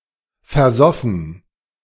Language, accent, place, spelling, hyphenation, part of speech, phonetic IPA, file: German, Germany, Berlin, versoffen, ver‧sof‧fen, verb / adjective, [fɛɐ̯ˈzɔfn̩], De-versoffen.ogg
- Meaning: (verb) past participle of versaufen; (adjective) boozy, wasted; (verb) first/third-person plural preterite of versaufen